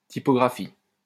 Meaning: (noun) typography; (verb) inflection of typographier: 1. first/third-person singular present indicative/subjunctive 2. second-person singular imperative
- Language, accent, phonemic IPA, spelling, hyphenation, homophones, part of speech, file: French, France, /ti.pɔ.ɡʁa.fi/, typographie, ty‧po‧gra‧phie, typographient / typographies, noun / verb, LL-Q150 (fra)-typographie.wav